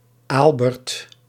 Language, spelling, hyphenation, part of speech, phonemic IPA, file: Dutch, Aalbert, Aal‧bert, proper noun, /ˈaːl.bɛrt/, Nl-Aalbert.ogg
- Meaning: a male given name, variant of Albert